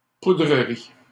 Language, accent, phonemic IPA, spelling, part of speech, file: French, Canada, /pu.dʁə.ʁi/, poudrerie, noun, LL-Q150 (fra)-poudrerie.wav
- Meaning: blowing snow